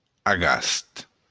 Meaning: maple, (Acer monspessulanum)
- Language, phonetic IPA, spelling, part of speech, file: Occitan, [aˈɣast], agast, noun, LL-Q942602-agast.wav